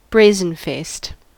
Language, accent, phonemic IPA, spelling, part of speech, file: English, US, /ˈbɹeɪ.zənˌfeɪst/, brazen-faced, adjective, En-us-brazen-faced.ogg
- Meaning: Impudent; open and without shame